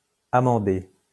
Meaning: almond milk
- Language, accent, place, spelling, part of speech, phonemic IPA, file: French, France, Lyon, amandé, noun, /a.mɑ̃.de/, LL-Q150 (fra)-amandé.wav